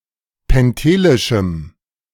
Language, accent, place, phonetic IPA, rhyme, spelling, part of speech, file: German, Germany, Berlin, [pɛnˈteːlɪʃm̩], -eːlɪʃm̩, pentelischem, adjective, De-pentelischem.ogg
- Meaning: strong dative masculine/neuter singular of pentelisch